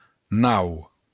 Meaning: 1. ship, vessel, watercraft 2. nave
- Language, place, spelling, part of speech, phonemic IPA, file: Occitan, Béarn, nau, noun, /naw/, LL-Q14185 (oci)-nau.wav